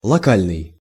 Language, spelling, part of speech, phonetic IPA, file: Russian, локальный, adjective, [ɫɐˈkalʲnɨj], Ru-локальный.ogg
- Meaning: local